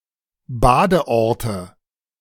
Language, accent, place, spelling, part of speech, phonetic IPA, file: German, Germany, Berlin, Badeorte, noun, [ˈbaːdəˌʔɔʁtə], De-Badeorte.ogg
- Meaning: nominative/accusative/genitive plural of Badeort